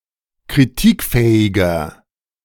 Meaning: 1. comparative degree of kritikfähig 2. inflection of kritikfähig: strong/mixed nominative masculine singular 3. inflection of kritikfähig: strong genitive/dative feminine singular
- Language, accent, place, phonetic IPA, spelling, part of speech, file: German, Germany, Berlin, [kʁiˈtiːkˌfɛːɪɡɐ], kritikfähiger, adjective, De-kritikfähiger.ogg